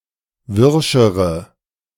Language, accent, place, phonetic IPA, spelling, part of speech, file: German, Germany, Berlin, [ˈvɪʁʃəʁə], wirschere, adjective, De-wirschere.ogg
- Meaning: inflection of wirsch: 1. strong/mixed nominative/accusative feminine singular comparative degree 2. strong nominative/accusative plural comparative degree